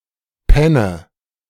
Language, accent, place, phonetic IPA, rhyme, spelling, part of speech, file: German, Germany, Berlin, [ˈpɛnə], -ɛnə, penne, verb, De-penne.ogg
- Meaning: inflection of pennen: 1. first-person singular present 2. first/third-person singular subjunctive I 3. singular imperative